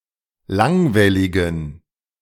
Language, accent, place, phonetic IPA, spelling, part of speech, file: German, Germany, Berlin, [ˈlaŋvɛlɪɡn̩], langwelligen, adjective, De-langwelligen.ogg
- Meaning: inflection of langwellig: 1. strong genitive masculine/neuter singular 2. weak/mixed genitive/dative all-gender singular 3. strong/weak/mixed accusative masculine singular 4. strong dative plural